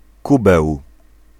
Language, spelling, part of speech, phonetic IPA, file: Polish, kubeł, noun, [ˈkubɛw], Pl-kubeł.ogg